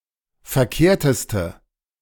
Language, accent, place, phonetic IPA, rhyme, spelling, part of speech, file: German, Germany, Berlin, [fɛɐ̯ˈkeːɐ̯təstə], -eːɐ̯təstə, verkehrteste, adjective, De-verkehrteste.ogg
- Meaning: inflection of verkehrt: 1. strong/mixed nominative/accusative feminine singular superlative degree 2. strong nominative/accusative plural superlative degree